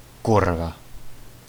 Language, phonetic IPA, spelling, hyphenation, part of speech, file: Czech, [ˈkurva], kurva, kur‧va, noun / adverb / interjection, Cs-kurva.ogg
- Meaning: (noun) whore (prostitute); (adverb) fucking (very); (interjection) fuck!; shit! (Expression of anger, dismay, or discontent)